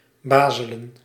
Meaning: to babble, twaddle
- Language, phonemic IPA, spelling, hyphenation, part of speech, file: Dutch, /ˈbaːzələ(n)/, bazelen, ba‧ze‧len, verb, Nl-bazelen.ogg